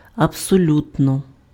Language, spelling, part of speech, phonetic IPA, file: Ukrainian, абсолютно, adverb, [ɐbsoˈlʲutnɔ], Uk-абсолютно.ogg
- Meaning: absolutely